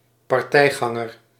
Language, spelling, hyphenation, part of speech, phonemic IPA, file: Dutch, partijganger, par‧tij‧gan‧ger, noun, /pɑrˈtɛi̯ˌɣɑ.ŋər/, Nl-partijganger.ogg
- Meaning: 1. a political supporter, especially of a political party or faction 2. a leader or member of a party of partisans, skirmishers, vigilantes or mercenaries